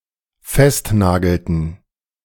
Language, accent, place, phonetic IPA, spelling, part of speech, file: German, Germany, Berlin, [ˈfɛstˌnaːɡl̩tn̩], festnagelten, verb, De-festnagelten.ogg
- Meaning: inflection of festnageln: 1. first/third-person plural dependent preterite 2. first/third-person plural dependent subjunctive II